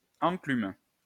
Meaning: 1. anvil (block used in blacksmithing) 2. anvil, incus
- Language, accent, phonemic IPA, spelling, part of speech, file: French, France, /ɑ̃.klym/, enclume, noun, LL-Q150 (fra)-enclume.wav